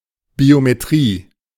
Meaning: biometrics
- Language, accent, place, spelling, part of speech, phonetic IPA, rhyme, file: German, Germany, Berlin, Biometrie, noun, [biomeˈtʁiː], -iː, De-Biometrie.ogg